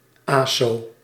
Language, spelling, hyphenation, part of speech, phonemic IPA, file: Dutch, aso, aso, noun / adjective, /ˈaː.soː/, Nl-aso.ogg
- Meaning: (noun) an antisocial, brutish or inconsiderate person; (adjective) antisocial, inconsiderate